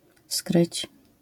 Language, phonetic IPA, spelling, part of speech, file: Polish, [skrɨt͡ɕ], skryć, verb, LL-Q809 (pol)-skryć.wav